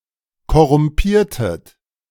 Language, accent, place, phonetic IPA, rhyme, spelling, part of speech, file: German, Germany, Berlin, [kɔʁʊmˈpiːɐ̯tət], -iːɐ̯tət, korrumpiertet, verb, De-korrumpiertet.ogg
- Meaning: inflection of korrumpieren: 1. second-person plural preterite 2. second-person plural subjunctive II